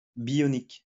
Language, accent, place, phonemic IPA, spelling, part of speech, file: French, France, Lyon, /bjɔ.nik/, bionique, adjective / noun, LL-Q150 (fra)-bionique.wav
- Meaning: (adjective) bionic; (noun) bionics